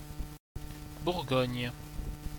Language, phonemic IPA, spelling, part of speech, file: French, /buʁ.ɡɔɲ/, Bourgogne, proper noun, Fr-Bourgogne.ogg
- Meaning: Burgundy (a historical region and former administrative region of France; since 2016, part of the administrative region of Bourgogne-Franche-Comté)